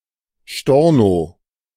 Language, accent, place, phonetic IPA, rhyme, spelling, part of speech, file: German, Germany, Berlin, [ˈʃtɔʁno], -ɔʁno, Storno, noun, De-Storno.ogg
- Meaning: cancellation, reversal